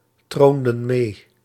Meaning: inflection of meetronen: 1. plural past indicative 2. plural past subjunctive
- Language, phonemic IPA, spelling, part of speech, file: Dutch, /ˈtrondə(n) ˈme/, troonden mee, verb, Nl-troonden mee.ogg